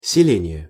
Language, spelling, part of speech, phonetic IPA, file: Russian, селение, noun, [sʲɪˈlʲenʲɪje], Ru-селение.ogg
- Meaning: settlement, colony; village, hamlet